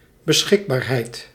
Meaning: availability
- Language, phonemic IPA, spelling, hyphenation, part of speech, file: Dutch, /bəˈsxɪkˌbaːr.ɦɛi̯t/, beschikbaarheid, be‧schik‧baar‧heid, noun, Nl-beschikbaarheid.ogg